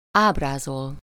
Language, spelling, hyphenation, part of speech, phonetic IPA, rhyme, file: Hungarian, ábrázol, áb‧rá‧zol, verb, [ˈaːbraːzol], -ol, Hu-ábrázol.ogg
- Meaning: 1. to represent, picture, depict, portray 2. to depict, describe 3. play, perform